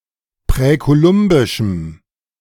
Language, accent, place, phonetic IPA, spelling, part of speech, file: German, Germany, Berlin, [pʁɛkoˈlʊmbɪʃm̩], präkolumbischem, adjective, De-präkolumbischem.ogg
- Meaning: strong dative masculine/neuter singular of präkolumbisch